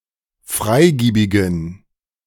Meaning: inflection of freigiebig: 1. strong genitive masculine/neuter singular 2. weak/mixed genitive/dative all-gender singular 3. strong/weak/mixed accusative masculine singular 4. strong dative plural
- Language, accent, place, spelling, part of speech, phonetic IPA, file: German, Germany, Berlin, freigiebigen, adjective, [ˈfʁaɪ̯ˌɡiːbɪɡn̩], De-freigiebigen.ogg